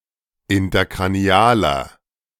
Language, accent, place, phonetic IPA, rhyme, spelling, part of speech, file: German, Germany, Berlin, [ɪntɐkʁaˈni̯aːlɐ], -aːlɐ, interkranialer, adjective, De-interkranialer.ogg
- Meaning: inflection of interkranial: 1. strong/mixed nominative masculine singular 2. strong genitive/dative feminine singular 3. strong genitive plural